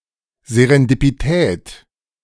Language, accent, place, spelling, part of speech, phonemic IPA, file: German, Germany, Berlin, Serendipität, noun, /zeʀɛndipiˈtɛːt/, De-Serendipität.ogg
- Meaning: serendipity